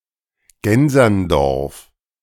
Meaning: a municipality of Lower Austria, Austria
- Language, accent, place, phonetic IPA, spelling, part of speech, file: German, Germany, Berlin, [ˈɡɛnzɐnˌdɔʁf], Gänserndorf, proper noun, De-Gänserndorf.ogg